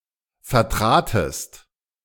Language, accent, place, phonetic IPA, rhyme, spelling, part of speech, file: German, Germany, Berlin, [fɛɐ̯ˈtʁaːtəst], -aːtəst, vertratest, verb, De-vertratest.ogg
- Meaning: second-person singular preterite of vertreten